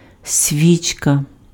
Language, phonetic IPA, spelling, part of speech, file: Ukrainian, [ˈsʲʋʲit͡ʃkɐ], свічка, noun, Uk-свічка.ogg
- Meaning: 1. candle 2. spark plug / sparking plug 3. candela (unit of luminous intensity) 4. suppository 5. euphrasia, eyebright